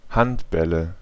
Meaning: nominative/accusative/genitive plural of Handball
- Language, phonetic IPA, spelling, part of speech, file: German, [ˈhantˌbɛlə], Handbälle, noun, De-Handbälle.ogg